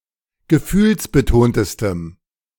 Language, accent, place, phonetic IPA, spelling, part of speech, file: German, Germany, Berlin, [ɡəˈfyːlsbəˌtoːntəstəm], gefühlsbetontestem, adjective, De-gefühlsbetontestem.ogg
- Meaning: strong dative masculine/neuter singular superlative degree of gefühlsbetont